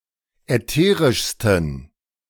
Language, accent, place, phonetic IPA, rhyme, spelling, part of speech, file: German, Germany, Berlin, [ɛˈteːʁɪʃstn̩], -eːʁɪʃstn̩, ätherischsten, adjective, De-ätherischsten.ogg
- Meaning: 1. superlative degree of ätherisch 2. inflection of ätherisch: strong genitive masculine/neuter singular superlative degree